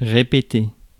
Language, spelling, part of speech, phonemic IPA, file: French, répéter, verb, /ʁe.pe.te/, Fr-répéter.ogg
- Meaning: 1. to repeat 2. to repeat oneself 3. to rehearse, practice